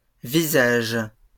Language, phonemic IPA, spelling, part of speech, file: French, /vi.zaʒ/, visages, noun, LL-Q150 (fra)-visages.wav
- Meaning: plural of visage